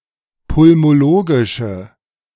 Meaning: inflection of pulmologisch: 1. strong/mixed nominative/accusative feminine singular 2. strong nominative/accusative plural 3. weak nominative all-gender singular
- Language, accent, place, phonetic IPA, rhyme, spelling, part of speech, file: German, Germany, Berlin, [pʊlmoˈloːɡɪʃə], -oːɡɪʃə, pulmologische, adjective, De-pulmologische.ogg